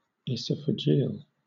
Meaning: Of or pertaining to the esophagus
- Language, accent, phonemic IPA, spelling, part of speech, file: English, Southern England, /ɪˌsɒfəˈd͡ʒiːəl/, esophageal, adjective, LL-Q1860 (eng)-esophageal.wav